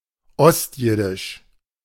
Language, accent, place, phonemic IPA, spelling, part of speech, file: German, Germany, Berlin, /ˈɔstˌjɪdɪʃ/, ostjiddisch, adjective, De-ostjiddisch.ogg
- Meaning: East Yiddish